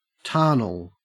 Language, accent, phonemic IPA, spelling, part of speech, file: English, Australia, /ˈtɑːrnəl/, tarnal, adjective, En-au-tarnal.ogg
- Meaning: damned (as an intensifier)